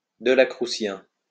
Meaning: Delacrucian
- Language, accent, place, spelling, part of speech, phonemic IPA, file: French, France, Lyon, delacrucien, adjective, /də.la.kʁy.sjɛ̃/, LL-Q150 (fra)-delacrucien.wav